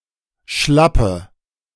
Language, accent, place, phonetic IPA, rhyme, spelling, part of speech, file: German, Germany, Berlin, [ˈʃlapə], -apə, schlappe, adjective, De-schlappe.ogg
- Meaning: inflection of schlapp: 1. strong/mixed nominative/accusative feminine singular 2. strong nominative/accusative plural 3. weak nominative all-gender singular 4. weak accusative feminine/neuter singular